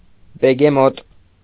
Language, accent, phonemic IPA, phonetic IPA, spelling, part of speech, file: Armenian, Eastern Armenian, /beɡeˈmot/, [beɡemót], բեգեմոտ, noun, Hy-բեգեմոտ.ogg
- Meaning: 1. hippopotamus 2. fat person